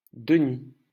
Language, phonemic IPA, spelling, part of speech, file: French, /də.ni/, Denis, proper noun, LL-Q150 (fra)-Denis.wav
- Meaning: 1. a male given name, equivalent to English Dennis; originally given in honor of a third century bishop of Paris, the patron saint of France 2. a surname based on the given name